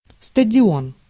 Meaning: stadium (venue where sporting events are held)
- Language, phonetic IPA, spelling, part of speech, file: Russian, [stədʲɪˈon], стадион, noun, Ru-стадион.ogg